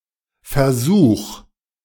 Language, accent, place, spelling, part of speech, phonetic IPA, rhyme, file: German, Germany, Berlin, versuch, verb, [fɛɐ̯ˈzuːx], -uːx, De-versuch.ogg
- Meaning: singular imperative of versuchen